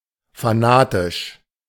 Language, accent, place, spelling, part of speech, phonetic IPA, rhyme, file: German, Germany, Berlin, fanatisch, adjective, [faˈnaːtɪʃ], -aːtɪʃ, De-fanatisch.ogg
- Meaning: fanatic, fanatical